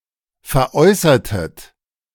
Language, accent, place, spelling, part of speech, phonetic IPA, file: German, Germany, Berlin, veräußertet, verb, [fɛɐ̯ˈʔɔɪ̯sɐtət], De-veräußertet.ogg
- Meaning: inflection of veräußern: 1. second-person plural preterite 2. second-person plural subjunctive II